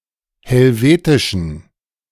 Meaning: inflection of helvetisch: 1. strong genitive masculine/neuter singular 2. weak/mixed genitive/dative all-gender singular 3. strong/weak/mixed accusative masculine singular 4. strong dative plural
- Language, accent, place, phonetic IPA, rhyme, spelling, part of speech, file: German, Germany, Berlin, [hɛlˈveːtɪʃn̩], -eːtɪʃn̩, helvetischen, adjective, De-helvetischen.ogg